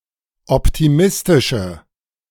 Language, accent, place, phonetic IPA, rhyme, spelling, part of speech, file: German, Germany, Berlin, [ˌɔptiˈmɪstɪʃə], -ɪstɪʃə, optimistische, adjective, De-optimistische.ogg
- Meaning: inflection of optimistisch: 1. strong/mixed nominative/accusative feminine singular 2. strong nominative/accusative plural 3. weak nominative all-gender singular